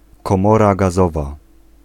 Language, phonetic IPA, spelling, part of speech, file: Polish, [kɔ̃ˈmɔra ɡaˈzɔva], komora gazowa, noun, Pl-komora gazowa.ogg